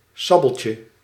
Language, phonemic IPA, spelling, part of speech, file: Dutch, /ˈsabəlcə/, sabeltje, noun, Nl-sabeltje.ogg
- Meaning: diminutive of sabel